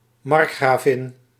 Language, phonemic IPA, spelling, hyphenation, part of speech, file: Dutch, /ˈmɑrk.xraːˌvɪn/, markgravin, mark‧gra‧vin, noun, Nl-markgravin.ogg
- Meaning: a marchioness, a marquise